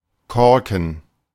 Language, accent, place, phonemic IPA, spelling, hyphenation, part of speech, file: German, Germany, Berlin, /ˈkɔr.kən/, Korken, Kor‧ken, noun, De-Korken.ogg
- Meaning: cork (bottle stopper, usually but not necessarily made of cork)